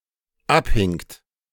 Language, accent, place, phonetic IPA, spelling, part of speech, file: German, Germany, Berlin, [ˈapˌhɪŋt], abhingt, verb, De-abhingt.ogg
- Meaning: second-person plural dependent preterite of abhängen